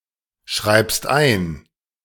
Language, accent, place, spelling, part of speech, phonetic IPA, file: German, Germany, Berlin, schreibst ein, verb, [ˌʃʁaɪ̯pst ˈaɪ̯n], De-schreibst ein.ogg
- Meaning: second-person singular present of einschreiben